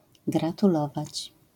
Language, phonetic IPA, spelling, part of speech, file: Polish, [ˌɡratuˈlɔvat͡ɕ], gratulować, verb, LL-Q809 (pol)-gratulować.wav